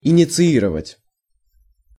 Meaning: to initiate, to institute
- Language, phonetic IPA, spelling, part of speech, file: Russian, [ɪnʲɪt͡sɨˈirəvətʲ], инициировать, verb, Ru-инициировать.ogg